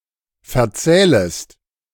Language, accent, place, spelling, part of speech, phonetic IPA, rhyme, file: German, Germany, Berlin, verzählest, verb, [fɛɐ̯ˈt͡sɛːləst], -ɛːləst, De-verzählest.ogg
- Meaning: second-person singular subjunctive I of verzählen